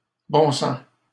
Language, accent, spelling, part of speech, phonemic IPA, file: French, Canada, bon sens, noun, /bɔ̃ sɑ̃s/, LL-Q150 (fra)-bon sens.wav
- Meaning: common sense (ordinary understanding)